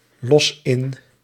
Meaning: inflection of inlossen: 1. first-person singular present indicative 2. second-person singular present indicative 3. imperative
- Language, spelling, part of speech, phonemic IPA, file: Dutch, los in, verb, /ˈlɔs ˈɪn/, Nl-los in.ogg